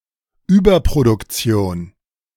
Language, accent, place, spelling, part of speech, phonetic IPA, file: German, Germany, Berlin, Überproduktion, noun, [ˈyːbɐpʁodʊkˌt͡si̯oːn], De-Überproduktion.ogg
- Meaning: overproduction